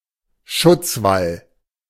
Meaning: a protecting wall
- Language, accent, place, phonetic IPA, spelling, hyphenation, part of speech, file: German, Germany, Berlin, [ˈʃʊt͡sˌval], Schutzwall, Schutz‧wall, noun, De-Schutzwall.ogg